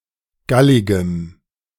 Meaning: strong dative masculine/neuter singular of gallig
- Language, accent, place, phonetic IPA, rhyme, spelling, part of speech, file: German, Germany, Berlin, [ˈɡalɪɡəm], -alɪɡəm, galligem, adjective, De-galligem.ogg